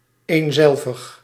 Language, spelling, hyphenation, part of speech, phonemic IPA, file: Dutch, eenzelvig, een‧zel‧vig, adjective, /ˌeːnˈzɛl.vəx/, Nl-eenzelvig.ogg
- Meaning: 1. spending most time in solitary activities; introvert 2. identical 3. unchanging, constant or monotonous